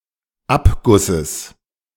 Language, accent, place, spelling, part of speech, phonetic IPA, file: German, Germany, Berlin, Abgusses, noun, [ˈapɡʊsəs], De-Abgusses.ogg
- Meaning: genitive of Abguss